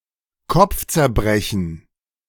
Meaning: headache (annoying problem)
- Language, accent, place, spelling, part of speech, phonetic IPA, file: German, Germany, Berlin, Kopfzerbrechen, noun, [ˈkɔp͡ft͡sɛɐ̯ˌbʁɛçn̩], De-Kopfzerbrechen.ogg